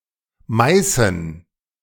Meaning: Meissen (a town and rural district of Saxony, Germany)
- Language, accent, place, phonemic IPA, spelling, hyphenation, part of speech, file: German, Germany, Berlin, /ˈmaɪ̯sn̩/, Meißen, Mei‧ßen, proper noun, De-Meißen.ogg